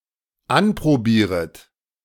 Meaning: second-person plural dependent subjunctive I of anprobieren
- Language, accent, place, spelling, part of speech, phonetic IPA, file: German, Germany, Berlin, anprobieret, verb, [ˈanpʁoˌbiːʁət], De-anprobieret.ogg